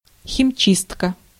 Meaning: clipped compound of хими́ческая чи́стка (ximíčeskaja čístka): dry cleaning
- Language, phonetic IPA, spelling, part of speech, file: Russian, [xʲɪmˈt͡ɕistkə], химчистка, noun, Ru-химчистка.ogg